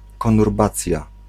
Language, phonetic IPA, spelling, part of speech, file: Polish, [ˌkɔ̃nurˈbat͡sʲja], konurbacja, noun, Pl-konurbacja.ogg